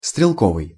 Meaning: 1. infantry, rifle, rifleman 2. shooting, marksmanship
- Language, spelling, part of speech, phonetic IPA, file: Russian, стрелковый, adjective, [strʲɪɫˈkovɨj], Ru-стрелковый.ogg